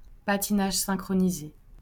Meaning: synchronized skating (US) / synchronised skating (UK)
- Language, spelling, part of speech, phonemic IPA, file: French, patinage synchronisé, noun, /pa.ti.naʒ sɛ̃.kʁɔ.ni.ze/, LL-Q150 (fra)-patinage synchronisé.wav